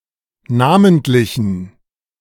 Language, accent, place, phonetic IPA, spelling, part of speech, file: German, Germany, Berlin, [ˈnaːməntlɪçn̩], namentlichen, adjective, De-namentlichen.ogg
- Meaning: inflection of namentlich: 1. strong genitive masculine/neuter singular 2. weak/mixed genitive/dative all-gender singular 3. strong/weak/mixed accusative masculine singular 4. strong dative plural